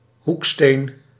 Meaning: cornerstone
- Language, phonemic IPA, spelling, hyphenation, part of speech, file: Dutch, /ˈɦuk.steːn/, hoeksteen, hoek‧steen, noun, Nl-hoeksteen.ogg